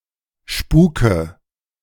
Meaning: inflection of spuken: 1. first-person singular present 2. first/third-person singular subjunctive I 3. singular imperative
- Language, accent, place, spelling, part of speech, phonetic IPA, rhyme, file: German, Germany, Berlin, spuke, verb, [ˈʃpuːkə], -uːkə, De-spuke.ogg